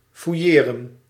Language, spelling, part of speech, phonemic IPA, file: Dutch, fouilleren, verb, /fuˈjeːrə(n)/, Nl-fouilleren.ogg
- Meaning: to search, to frisk